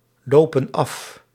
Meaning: inflection of aflopen: 1. plural present indicative 2. plural present subjunctive
- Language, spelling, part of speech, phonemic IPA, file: Dutch, lopen af, verb, /ˈlopə(n) ˈɑf/, Nl-lopen af.ogg